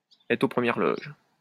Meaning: to have a ringside seat, a box seat
- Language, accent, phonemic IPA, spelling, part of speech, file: French, France, /ɛtʁ o pʁə.mjɛʁ lɔʒ/, être aux premières loges, verb, LL-Q150 (fra)-être aux premières loges.wav